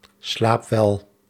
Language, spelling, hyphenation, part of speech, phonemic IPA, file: Dutch, slaapwel, slaap‧wel, interjection, /ˈslaːpˌʋɛl/, Nl-slaapwel.ogg
- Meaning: good night, sleep well